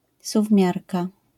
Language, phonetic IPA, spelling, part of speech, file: Polish, [suvˈmʲjarka], suwmiarka, noun, LL-Q809 (pol)-suwmiarka.wav